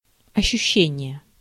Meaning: 1. sensation 2. feeling, perception, sense
- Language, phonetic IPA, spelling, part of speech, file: Russian, [ɐɕːʉˈɕːenʲɪje], ощущение, noun, Ru-ощущение.ogg